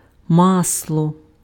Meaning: 1. butter 2. mineral oil 3. a kind of olive oil used as lubricant or fuel 4. mineral oil-based lubricant/grease
- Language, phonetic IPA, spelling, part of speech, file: Ukrainian, [ˈmasɫɔ], масло, noun, Uk-масло.ogg